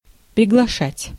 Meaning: to invite
- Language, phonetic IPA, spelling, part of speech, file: Russian, [prʲɪɡɫɐˈʂatʲ], приглашать, verb, Ru-приглашать.ogg